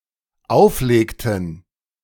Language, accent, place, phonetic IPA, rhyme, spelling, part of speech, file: German, Germany, Berlin, [ˈaʊ̯fˌleːktn̩], -aʊ̯fleːktn̩, auflegten, verb, De-auflegten.ogg
- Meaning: inflection of auflegen: 1. first/third-person plural dependent preterite 2. first/third-person plural dependent subjunctive II